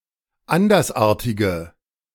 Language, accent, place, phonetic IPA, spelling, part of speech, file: German, Germany, Berlin, [ˈandɐsˌʔaːɐ̯tɪɡə], andersartige, adjective, De-andersartige.ogg
- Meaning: inflection of andersartig: 1. strong/mixed nominative/accusative feminine singular 2. strong nominative/accusative plural 3. weak nominative all-gender singular